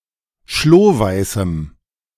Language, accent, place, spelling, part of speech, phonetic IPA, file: German, Germany, Berlin, schlohweißem, adjective, [ˈʃloːˌvaɪ̯sm̩], De-schlohweißem.ogg
- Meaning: strong dative masculine/neuter singular of schlohweiß